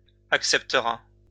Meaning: third-person singular future of accepter
- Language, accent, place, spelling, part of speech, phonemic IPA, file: French, France, Lyon, acceptera, verb, /ak.sɛp.tə.ʁa/, LL-Q150 (fra)-acceptera.wav